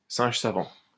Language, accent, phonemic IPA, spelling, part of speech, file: French, France, /sɛ̃ʒ sa.vɑ̃/, singe savant, noun, LL-Q150 (fra)-singe savant.wav
- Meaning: trained monkey (person able to reproduce complicated acts by mimicry, but without any deep understanding of them)